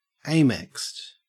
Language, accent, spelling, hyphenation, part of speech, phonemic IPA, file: English, Australia, amexed, a‧mexed, adjective, /ˈeɪ.mɛkst/, En-au-amexed.ogg
- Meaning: cancelled